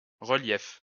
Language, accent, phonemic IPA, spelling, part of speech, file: French, France, /ʁə.ljɛf/, relief, noun, LL-Q150 (fra)-relief.wav
- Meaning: 1. projection, relief 2. relief, surface elevation 3. contrast, definition, offset (against something else) 4. relief